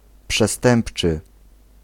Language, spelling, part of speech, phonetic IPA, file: Polish, przestępczy, adjective, [pʃɛˈstɛ̃mpt͡ʃɨ], Pl-przestępczy.ogg